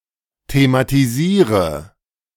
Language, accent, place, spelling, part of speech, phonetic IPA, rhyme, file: German, Germany, Berlin, thematisiere, verb, [tematiˈziːʁə], -iːʁə, De-thematisiere.ogg
- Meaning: inflection of thematisieren: 1. first-person singular present 2. singular imperative 3. first/third-person singular subjunctive I